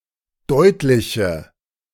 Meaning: inflection of deutlich: 1. strong/mixed nominative/accusative feminine singular 2. strong nominative/accusative plural 3. weak nominative all-gender singular
- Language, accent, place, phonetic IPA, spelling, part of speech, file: German, Germany, Berlin, [ˈdɔɪ̯tlɪçə], deutliche, adjective, De-deutliche.ogg